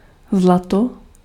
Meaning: 1. gold 2. darling 3. or, gold
- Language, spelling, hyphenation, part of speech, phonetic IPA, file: Czech, zlato, zla‧to, noun, [ˈzlato], Cs-zlato.ogg